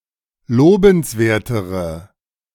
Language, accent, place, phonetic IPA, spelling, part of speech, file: German, Germany, Berlin, [ˈloːbn̩sˌveːɐ̯təʁə], lobenswertere, adjective, De-lobenswertere.ogg
- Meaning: inflection of lobenswert: 1. strong/mixed nominative/accusative feminine singular comparative degree 2. strong nominative/accusative plural comparative degree